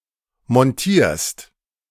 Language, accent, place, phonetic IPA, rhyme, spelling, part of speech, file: German, Germany, Berlin, [mɔnˈtiːɐ̯st], -iːɐ̯st, montierst, verb, De-montierst.ogg
- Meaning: second-person singular present of montieren